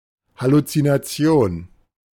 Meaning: hallucination (sensory perception of something that does not exist)
- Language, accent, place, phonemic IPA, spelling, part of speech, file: German, Germany, Berlin, /halut͡sinaˈt͡si̯oːn/, Halluzination, noun, De-Halluzination.ogg